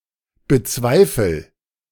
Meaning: inflection of bezweifeln: 1. first-person singular present 2. singular imperative
- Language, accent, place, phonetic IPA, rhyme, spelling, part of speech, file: German, Germany, Berlin, [bəˈt͡svaɪ̯fl̩], -aɪ̯fl̩, bezweifel, verb, De-bezweifel.ogg